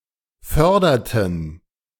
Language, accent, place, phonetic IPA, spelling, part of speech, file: German, Germany, Berlin, [ˈfœʁdɐtn̩], förderten, verb, De-förderten.ogg
- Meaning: inflection of fördern: 1. first/third-person plural preterite 2. first/third-person plural subjunctive II